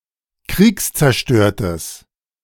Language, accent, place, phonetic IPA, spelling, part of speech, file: German, Germany, Berlin, [ˈkʁiːkst͡sɛɐ̯ˌʃtøːɐ̯təs], kriegszerstörtes, adjective, De-kriegszerstörtes.ogg
- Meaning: strong/mixed nominative/accusative neuter singular of kriegszerstört